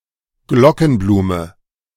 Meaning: bellflower, Campanula
- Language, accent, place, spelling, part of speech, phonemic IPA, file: German, Germany, Berlin, Glockenblume, noun, /ˈɡlɔkn̩ˌbluːmə/, De-Glockenblume.ogg